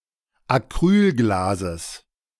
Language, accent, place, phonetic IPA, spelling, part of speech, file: German, Germany, Berlin, [aˈkʁyːlˌɡlaːzəs], Acrylglases, noun, De-Acrylglases.ogg
- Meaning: genitive singular of Acrylglas